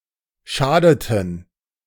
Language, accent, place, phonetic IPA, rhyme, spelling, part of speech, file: German, Germany, Berlin, [ˈʃaːdətn̩], -aːdətn̩, schadeten, verb, De-schadeten.ogg
- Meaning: inflection of schaden: 1. first/third-person plural preterite 2. first/third-person plural subjunctive II